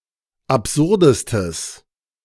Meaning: strong/mixed nominative/accusative neuter singular superlative degree of absurd
- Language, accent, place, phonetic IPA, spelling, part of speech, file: German, Germany, Berlin, [apˈzʊʁdəstəs], absurdestes, adjective, De-absurdestes.ogg